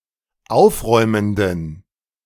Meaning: inflection of aufräumend: 1. strong genitive masculine/neuter singular 2. weak/mixed genitive/dative all-gender singular 3. strong/weak/mixed accusative masculine singular 4. strong dative plural
- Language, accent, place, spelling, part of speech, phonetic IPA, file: German, Germany, Berlin, aufräumenden, adjective, [ˈaʊ̯fˌʁɔɪ̯məndn̩], De-aufräumenden.ogg